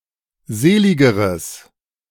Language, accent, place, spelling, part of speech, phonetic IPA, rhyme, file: German, Germany, Berlin, seligeres, adjective, [ˈzeːˌlɪɡəʁəs], -eːlɪɡəʁəs, De-seligeres.ogg
- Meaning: strong/mixed nominative/accusative neuter singular comparative degree of selig